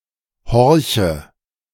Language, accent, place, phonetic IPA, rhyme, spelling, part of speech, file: German, Germany, Berlin, [ˈhɔʁçə], -ɔʁçə, horche, verb, De-horche.ogg
- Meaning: inflection of horchen: 1. first-person singular present 2. first/third-person singular subjunctive I 3. singular imperative